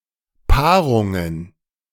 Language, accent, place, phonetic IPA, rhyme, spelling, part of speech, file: German, Germany, Berlin, [ˈpaːʁʊŋən], -aːʁʊŋən, Paarungen, noun, De-Paarungen.ogg
- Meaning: plural of Paarung